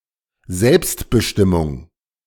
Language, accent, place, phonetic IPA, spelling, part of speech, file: German, Germany, Berlin, [ˈzɛlpstbəˌʃtɪmʊŋ], Selbstbestimmung, noun, De-Selbstbestimmung.ogg
- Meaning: self-determination